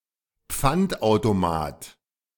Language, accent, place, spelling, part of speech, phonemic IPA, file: German, Germany, Berlin, Pfandautomat, noun, /ˈp͡fantʔaʊ̯toˌmaːt/, De-Pfandautomat.ogg
- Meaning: reverse vending machine